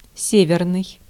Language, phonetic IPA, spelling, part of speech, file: Russian, [ˈsʲevʲɪrnɨj], северный, adjective, Ru-северный.ogg
- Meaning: 1. north, northern 2. northerly